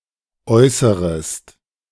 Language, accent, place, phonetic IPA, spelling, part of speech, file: German, Germany, Berlin, [ˈɔɪ̯səʁəst], äußerest, verb, De-äußerest.ogg
- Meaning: second-person singular subjunctive I of äußern